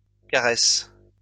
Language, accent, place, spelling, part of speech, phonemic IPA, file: French, France, Lyon, caresses, verb, /ka.ʁɛs/, LL-Q150 (fra)-caresses.wav
- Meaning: second-person singular present indicative/subjunctive of caresser